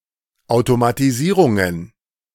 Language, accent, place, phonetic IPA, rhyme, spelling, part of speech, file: German, Germany, Berlin, [aʊ̯tomatiˈziːʁʊŋən], -iːʁʊŋən, Automatisierungen, noun, De-Automatisierungen.ogg
- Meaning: plural of Automatisierung